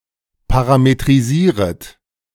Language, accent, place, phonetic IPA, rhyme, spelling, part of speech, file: German, Germany, Berlin, [ˌpaʁametʁiˈziːʁət], -iːʁət, parametrisieret, verb, De-parametrisieret.ogg
- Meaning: second-person plural subjunctive I of parametrisieren